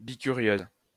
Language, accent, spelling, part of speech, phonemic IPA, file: French, France, bi-curieuse, adjective, /bi.ky.ʁjøz/, LL-Q150 (fra)-bi-curieuse.wav
- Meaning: feminine singular of bi-curieux